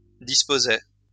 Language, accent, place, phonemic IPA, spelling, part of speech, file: French, France, Lyon, /dis.po.zɛ/, disposais, verb, LL-Q150 (fra)-disposais.wav
- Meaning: first/second-person singular imperfect indicative of disposer